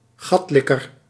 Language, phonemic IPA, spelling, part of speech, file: Dutch, /ˈɣɑtlɪkər/, gatlikker, noun, Nl-gatlikker.ogg
- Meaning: sycophant, arse-kisser, shameless or even slavish flatterer